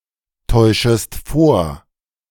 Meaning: second-person singular subjunctive I of vortäuschen
- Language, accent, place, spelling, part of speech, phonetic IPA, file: German, Germany, Berlin, täuschest vor, verb, [ˌtɔɪ̯ʃəst ˈfoːɐ̯], De-täuschest vor.ogg